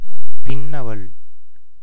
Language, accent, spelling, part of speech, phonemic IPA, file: Tamil, India, பின்னவள், noun, /pɪnːɐʋɐɭ/, Ta-பின்னவள்.ogg
- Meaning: 1. Younger sister 2. Youngest daughter